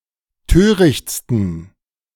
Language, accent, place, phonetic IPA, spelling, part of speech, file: German, Germany, Berlin, [ˈtøːʁɪçt͡stn̩], törichtsten, adjective, De-törichtsten.ogg
- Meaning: 1. superlative degree of töricht 2. inflection of töricht: strong genitive masculine/neuter singular superlative degree